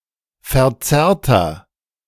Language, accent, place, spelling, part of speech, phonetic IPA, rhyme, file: German, Germany, Berlin, verzerrter, adjective, [fɛɐ̯ˈt͡sɛʁtɐ], -ɛʁtɐ, De-verzerrter.ogg
- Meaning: inflection of verzerrt: 1. strong/mixed nominative masculine singular 2. strong genitive/dative feminine singular 3. strong genitive plural